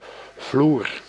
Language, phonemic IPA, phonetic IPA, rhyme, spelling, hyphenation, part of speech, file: Dutch, /vlur/, [vluːr], -ur, vloer, vloer, noun / verb, Nl-vloer.ogg
- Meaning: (noun) 1. a floor 2. any ground, surface 3. the bottom, lowest level; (verb) inflection of vloeren: 1. first-person singular present indicative 2. second-person singular present indicative